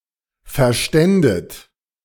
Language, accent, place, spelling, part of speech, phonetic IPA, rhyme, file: German, Germany, Berlin, verständet, verb, [fɛɐ̯ˈʃtɛndət], -ɛndət, De-verständet.ogg
- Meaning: second-person plural subjunctive II of verstehen